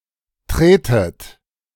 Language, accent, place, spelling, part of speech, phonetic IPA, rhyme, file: German, Germany, Berlin, tretet, verb, [ˈtʁeːtət], -eːtət, De-tretet.ogg
- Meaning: inflection of treten: 1. second-person plural present 2. second-person plural subjunctive I 3. plural imperative